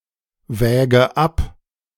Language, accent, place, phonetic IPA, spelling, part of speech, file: German, Germany, Berlin, [ˌvɛːɡə ˈap], wäge ab, verb, De-wäge ab.ogg
- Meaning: inflection of abwägen: 1. first-person singular present 2. first/third-person singular subjunctive I 3. singular imperative